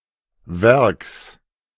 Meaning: genitive singular of Werk
- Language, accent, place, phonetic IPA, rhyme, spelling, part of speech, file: German, Germany, Berlin, [vɛʁks], -ɛʁks, Werks, noun, De-Werks.ogg